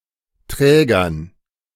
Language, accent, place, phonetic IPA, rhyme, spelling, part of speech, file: German, Germany, Berlin, [ˈtʁɛːɡɐn], -ɛːɡɐn, Trägern, noun, De-Trägern.ogg
- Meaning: dative plural of Träger